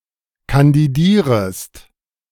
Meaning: second-person singular subjunctive I of kandidieren
- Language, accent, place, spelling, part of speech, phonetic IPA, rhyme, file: German, Germany, Berlin, kandidierest, verb, [kandiˈdiːʁəst], -iːʁəst, De-kandidierest.ogg